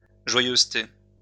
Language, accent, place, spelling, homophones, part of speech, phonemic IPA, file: French, France, Lyon, joyeuseté, joyeusetés, noun, /ʒwa.jøz.te/, LL-Q150 (fra)-joyeuseté.wav
- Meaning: 1. cheerful mood? 2. joke 3. ?